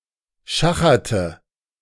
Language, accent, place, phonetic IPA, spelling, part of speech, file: German, Germany, Berlin, [ˈʃaxɐtə], schacherte, verb, De-schacherte.ogg
- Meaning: inflection of schachern: 1. first/third-person singular preterite 2. first/third-person singular subjunctive II